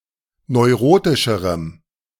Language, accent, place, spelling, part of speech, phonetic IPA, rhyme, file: German, Germany, Berlin, neurotischerem, adjective, [nɔɪ̯ˈʁoːtɪʃəʁəm], -oːtɪʃəʁəm, De-neurotischerem.ogg
- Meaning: strong dative masculine/neuter singular comparative degree of neurotisch